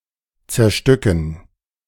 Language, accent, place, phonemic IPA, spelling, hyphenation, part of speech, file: German, Germany, Berlin, /t͡sɛɐ̯ˈʃtʏkn̩/, zerstücken, zer‧stü‧cken, verb, De-zerstücken.ogg
- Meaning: to break into pieces